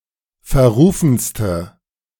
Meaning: inflection of verrufen: 1. strong/mixed nominative/accusative feminine singular superlative degree 2. strong nominative/accusative plural superlative degree
- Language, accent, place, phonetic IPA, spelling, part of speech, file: German, Germany, Berlin, [fɛɐ̯ˈʁuːfn̩stə], verrufenste, adjective, De-verrufenste.ogg